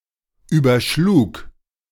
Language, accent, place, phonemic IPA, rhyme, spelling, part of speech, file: German, Germany, Berlin, /ˌyːbɐˈʃluːk/, -uːk, überschlug, verb, De-überschlug.ogg
- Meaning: first/third-person singular preterite of überschlagen